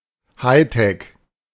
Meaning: high tech
- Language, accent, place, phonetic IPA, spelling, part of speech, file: German, Germany, Berlin, [ˈhaɪ̯tɛk], Hightech, noun, De-Hightech.ogg